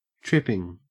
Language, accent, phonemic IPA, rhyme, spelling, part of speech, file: English, Australia, /ˈtɹɪpɪŋ/, -ɪpɪŋ, tripping, verb / adjective / noun, En-au-tripping.ogg
- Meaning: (verb) present participle and gerund of trip; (adjective) Quick; nimble; stepping lightly and quickly